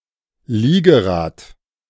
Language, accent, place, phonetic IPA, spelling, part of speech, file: German, Germany, Berlin, [ˈliːɡəˌʁaːt], Liegerad, noun, De-Liegerad.ogg
- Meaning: recumbent (bicycle)